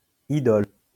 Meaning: 1. idol (graven image or representation of anything that is revered, or believed to convey spiritual power) 2. idol (cultural icon, or especially popular person)
- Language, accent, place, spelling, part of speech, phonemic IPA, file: French, France, Lyon, idole, noun, /i.dɔl/, LL-Q150 (fra)-idole.wav